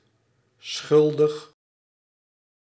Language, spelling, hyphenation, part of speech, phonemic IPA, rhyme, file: Dutch, schuldig, schul‧dig, adjective, /ˈsxʏl.dəx/, -ʏldəx, Nl-schuldig.ogg
- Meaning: guilty